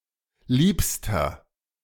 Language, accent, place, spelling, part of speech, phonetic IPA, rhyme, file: German, Germany, Berlin, liebster, adjective, [ˈliːpstɐ], -iːpstɐ, De-liebster.ogg
- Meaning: inflection of lieb: 1. strong/mixed nominative masculine singular superlative degree 2. strong genitive/dative feminine singular superlative degree 3. strong genitive plural superlative degree